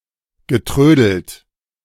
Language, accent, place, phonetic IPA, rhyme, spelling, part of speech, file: German, Germany, Berlin, [ɡəˈtʁøːdl̩t], -øːdl̩t, getrödelt, verb, De-getrödelt.ogg
- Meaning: past participle of trödeln